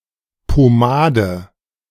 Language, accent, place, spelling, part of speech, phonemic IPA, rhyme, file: German, Germany, Berlin, Pomade, noun, /poˈmaːdə/, -aːdə, De-Pomade.ogg
- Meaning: pomade